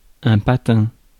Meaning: 1. slipper 2. skate; blade; runner 3. brake pad 4. French kiss
- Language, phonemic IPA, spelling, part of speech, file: French, /pa.tɛ̃/, patin, noun, Fr-patin.ogg